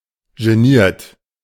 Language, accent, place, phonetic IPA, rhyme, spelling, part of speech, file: German, Germany, Berlin, [ʒeˈniːɐ̯t], -iːɐ̯t, geniert, verb, De-geniert.ogg
- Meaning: 1. past participle of genieren 2. inflection of genieren: third-person singular present 3. inflection of genieren: second-person plural present 4. inflection of genieren: plural imperative